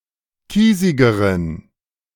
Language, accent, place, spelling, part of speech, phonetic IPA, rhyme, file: German, Germany, Berlin, kiesigeren, adjective, [ˈkiːzɪɡəʁən], -iːzɪɡəʁən, De-kiesigeren.ogg
- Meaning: inflection of kiesig: 1. strong genitive masculine/neuter singular comparative degree 2. weak/mixed genitive/dative all-gender singular comparative degree